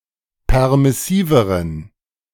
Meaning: inflection of permissiv: 1. strong genitive masculine/neuter singular comparative degree 2. weak/mixed genitive/dative all-gender singular comparative degree
- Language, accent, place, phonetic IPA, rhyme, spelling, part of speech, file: German, Germany, Berlin, [ˌpɛʁmɪˈsiːvəʁən], -iːvəʁən, permissiveren, adjective, De-permissiveren.ogg